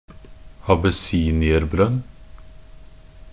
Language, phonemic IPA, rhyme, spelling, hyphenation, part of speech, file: Norwegian Bokmål, /abəˈsiːnɪərbrœn/, -œn, abessinierbrønn, ab‧es‧si‧ni‧er‧brønn, noun, Nb-abessinierbrønn.ogg
- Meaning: a tube well (a well in which a stainless steel tube is bored directly down into an aquifer)